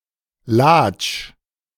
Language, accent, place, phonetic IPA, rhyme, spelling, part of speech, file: German, Germany, Berlin, [laːt͡ʃ], -aːt͡ʃ, Latsch, noun, De-Latsch.ogg
- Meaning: a municipality of South Tyrol